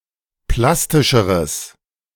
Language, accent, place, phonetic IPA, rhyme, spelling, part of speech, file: German, Germany, Berlin, [ˈplastɪʃəʁəs], -astɪʃəʁəs, plastischeres, adjective, De-plastischeres.ogg
- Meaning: strong/mixed nominative/accusative neuter singular comparative degree of plastisch